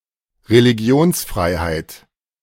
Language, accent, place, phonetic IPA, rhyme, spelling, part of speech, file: German, Germany, Berlin, [ʁeliˈɡi̯oːnsˌfʁaɪ̯haɪ̯t], -oːnsfʁaɪ̯haɪ̯t, Religionsfreiheit, noun, De-Religionsfreiheit.ogg
- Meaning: freedom of religion